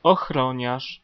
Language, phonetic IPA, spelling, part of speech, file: Polish, [ɔxˈrɔ̃ɲaʃ], ochroniarz, noun, Pl-ochroniarz.ogg